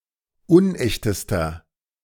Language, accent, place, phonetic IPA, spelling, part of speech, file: German, Germany, Berlin, [ˈʊnˌʔɛçtəstɐ], unechtester, adjective, De-unechtester.ogg
- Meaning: inflection of unecht: 1. strong/mixed nominative masculine singular superlative degree 2. strong genitive/dative feminine singular superlative degree 3. strong genitive plural superlative degree